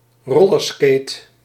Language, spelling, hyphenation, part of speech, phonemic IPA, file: Dutch, rollerskate, rol‧ler‧skate, noun, /ˈroː.lərˌskeːt/, Nl-rollerskate.ogg
- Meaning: a roller skate